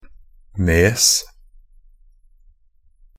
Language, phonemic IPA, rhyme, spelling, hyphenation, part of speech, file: Norwegian Bokmål, /neːs/, -eːs, nes, nes, noun, Nb-nes.ogg
- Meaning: a headland (coastal land that juts into the sea)